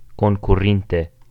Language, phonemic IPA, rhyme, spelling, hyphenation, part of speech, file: Esperanto, /kon.kuˈrin.te/, -inte, konkurinte, kon‧ku‧rin‧te, adverb, Eo-konkurinte.ogg
- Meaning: past adverbial active participle of konkuri